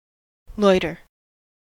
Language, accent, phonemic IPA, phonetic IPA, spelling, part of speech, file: English, US, /ˈlɔɪtɚ/, [ˈlɔɪɾɚ], loiter, verb / noun, En-us-loiter.ogg
- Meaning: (verb) 1. To stand about without any aim or purpose; to stand about idly 2. To stroll about without any aim or purpose, to ramble, to wander 3. To remain at a certain place instead of moving on